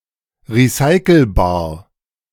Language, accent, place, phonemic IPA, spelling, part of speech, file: German, Germany, Berlin, /ʁiˈsaɪ̯kl̩baːɐ̯/, recyclebar, adjective, De-recyclebar.ogg
- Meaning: alternative form of recycelbar